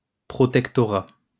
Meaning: protectorate
- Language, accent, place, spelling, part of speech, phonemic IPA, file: French, France, Lyon, protectorat, noun, /pʁɔ.tɛk.tɔ.ʁa/, LL-Q150 (fra)-protectorat.wav